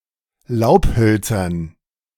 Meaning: dative plural of Laubholz
- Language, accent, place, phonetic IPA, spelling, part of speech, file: German, Germany, Berlin, [ˈlaʊ̯pˌhœlt͡sɐn], Laubhölzern, noun, De-Laubhölzern.ogg